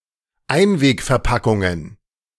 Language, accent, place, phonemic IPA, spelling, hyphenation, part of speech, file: German, Germany, Berlin, /ˈaɪ̯nveːkfɛɐ̯ˌpakʊŋən/, Einwegverpackungen, Ein‧weg‧ver‧pa‧ckun‧gen, noun, De-Einwegverpackungen.ogg
- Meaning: plural of Einwegverpackung